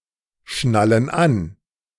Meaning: inflection of anschnallen: 1. first/third-person plural present 2. first/third-person plural subjunctive I
- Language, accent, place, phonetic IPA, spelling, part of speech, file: German, Germany, Berlin, [ˌʃnalən ˈan], schnallen an, verb, De-schnallen an.ogg